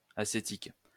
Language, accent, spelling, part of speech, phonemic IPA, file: French, France, acétique, adjective, /a.se.tik/, LL-Q150 (fra)-acétique.wav
- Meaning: acetic